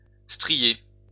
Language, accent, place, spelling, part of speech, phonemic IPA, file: French, France, Lyon, strié, verb / adjective, /stʁi.je/, LL-Q150 (fra)-strié.wav
- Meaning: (verb) past participle of strier; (adjective) 1. striated 2. ribbed